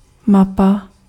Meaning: map (visual representation of an area)
- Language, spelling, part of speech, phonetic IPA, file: Czech, mapa, noun, [ˈmapa], Cs-mapa.ogg